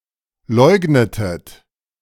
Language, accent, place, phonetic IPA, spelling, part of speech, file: German, Germany, Berlin, [ˈlɔɪ̯ɡnətət], leugnetet, verb, De-leugnetet.ogg
- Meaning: inflection of leugnen: 1. second-person plural preterite 2. second-person plural subjunctive II